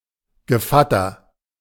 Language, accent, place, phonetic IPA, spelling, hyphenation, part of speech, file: German, Germany, Berlin, [ɡəˈfatɐ], Gevatter, Ge‧vat‧ter, noun, De-Gevatter.ogg
- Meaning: 1. godfather 2. friend, neighbour (especially as a term of address)